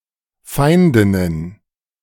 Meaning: plural of Feindin
- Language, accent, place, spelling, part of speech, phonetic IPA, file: German, Germany, Berlin, Feindinnen, noun, [ˈfaɪ̯ndɪnən], De-Feindinnen.ogg